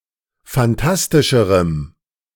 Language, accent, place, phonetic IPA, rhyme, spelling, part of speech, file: German, Germany, Berlin, [fanˈtastɪʃəʁəm], -astɪʃəʁəm, phantastischerem, adjective, De-phantastischerem.ogg
- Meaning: strong dative masculine/neuter singular comparative degree of phantastisch